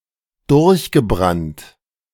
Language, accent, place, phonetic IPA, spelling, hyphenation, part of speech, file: German, Germany, Berlin, [ˈdʊʁçɡəˌbʁant], durchgebrannt, durch‧ge‧brannt, verb / adjective, De-durchgebrannt.ogg
- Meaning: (verb) past participle of durchbrennen; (adjective) 1. blown out, burned out 2. runaway, eloped